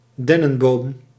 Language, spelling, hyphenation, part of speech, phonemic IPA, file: Dutch, dennenboom, den‧nen‧boom, noun, /ˈdɛ.nə(n)ˌboːm/, Nl-dennenboom.ogg
- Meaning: Official spelling of denneboom